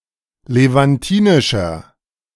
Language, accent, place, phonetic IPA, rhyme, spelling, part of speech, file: German, Germany, Berlin, [levanˈtiːnɪʃɐ], -iːnɪʃɐ, levantinischer, adjective, De-levantinischer.ogg
- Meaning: inflection of levantinisch: 1. strong/mixed nominative masculine singular 2. strong genitive/dative feminine singular 3. strong genitive plural